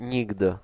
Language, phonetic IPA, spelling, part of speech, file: Polish, [ˈɲiɡdɨ], nigdy, pronoun, Pl-nigdy.ogg